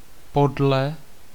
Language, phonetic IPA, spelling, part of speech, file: Czech, [ˈpodlɛ], podle, preposition / adverb, Cs-podle.ogg
- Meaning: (preposition) 1. according to 2. based on 3. after (in allusion to, in imitation of; following or referencing); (adverb) villainously, wickedly, foully, dishonestly